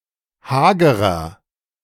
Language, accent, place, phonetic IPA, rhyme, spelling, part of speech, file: German, Germany, Berlin, [ˈhaːɡəʁɐ], -aːɡəʁɐ, hagerer, adjective, De-hagerer.ogg
- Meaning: 1. comparative degree of hager 2. inflection of hager: strong/mixed nominative masculine singular 3. inflection of hager: strong genitive/dative feminine singular